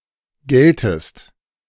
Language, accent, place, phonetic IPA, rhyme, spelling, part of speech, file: German, Germany, Berlin, [ˈɡɛltəst], -ɛltəst, gältest, verb, De-gältest.ogg
- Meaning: second-person singular subjunctive II of gelten